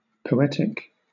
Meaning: 1. Relating to poetry 2. Characteristic of poets; romantic, imaginative, etc 3. Connecting to the soul of the beholder
- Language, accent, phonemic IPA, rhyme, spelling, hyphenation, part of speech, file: English, Southern England, /pəʊˈɛtɪk/, -ɛtɪk, poetic, po‧et‧ic, adjective, LL-Q1860 (eng)-poetic.wav